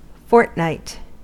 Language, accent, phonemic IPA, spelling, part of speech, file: English, US, /ˈfɔɹt.naɪt/, fortnight, noun, En-us-fortnight.ogg
- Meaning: A period of 2 weeks